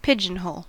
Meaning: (noun) 1. One of an array of open compartments for housing pigeons in a dovecote or pigeon loft 2. A hole or opening in a door or wall for a pigeon to pass through
- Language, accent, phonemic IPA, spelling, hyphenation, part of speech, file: English, General American, /ˈpɪdʒənˌ(h)oʊl/, pigeonhole, pi‧geon‧hole, noun / verb, En-us-pigeonhole.ogg